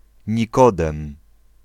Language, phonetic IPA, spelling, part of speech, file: Polish, [ɲiˈkɔdɛ̃m], Nikodem, proper noun / noun, Pl-Nikodem.ogg